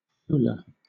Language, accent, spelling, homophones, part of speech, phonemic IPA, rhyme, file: English, Southern England, Fula, Foula, noun / proper noun, /ˈfuːlə/, -uːlə, LL-Q1860 (eng)-Fula.wav
- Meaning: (noun) A member of a largely pastoral Muslim people of West Africa; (proper noun) A language spoken in West Africa